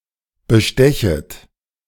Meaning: second-person plural subjunctive I of bestechen
- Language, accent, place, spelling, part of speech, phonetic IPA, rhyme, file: German, Germany, Berlin, bestechet, verb, [bəˈʃtɛçət], -ɛçət, De-bestechet.ogg